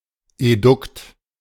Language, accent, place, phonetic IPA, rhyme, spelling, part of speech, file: German, Germany, Berlin, [eˈdʊkt], -ʊkt, Edukt, noun, De-Edukt.ogg
- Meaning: reactant (participant at the start of a chemical reaction)